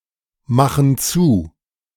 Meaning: inflection of zumachen: 1. first/third-person plural present 2. first/third-person plural subjunctive I
- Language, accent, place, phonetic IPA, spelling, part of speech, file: German, Germany, Berlin, [ˌmaxn̩ ˈt͡suː], machen zu, verb, De-machen zu.ogg